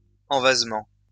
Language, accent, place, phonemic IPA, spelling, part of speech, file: French, France, Lyon, /ɑ̃.vaz.mɑ̃/, envasement, noun, LL-Q150 (fra)-envasement.wav
- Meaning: silting up